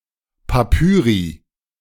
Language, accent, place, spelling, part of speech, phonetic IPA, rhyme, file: German, Germany, Berlin, Papyri, noun, [paˈpyːʁi], -yːʁi, De-Papyri.ogg
- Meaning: plural of Papyrus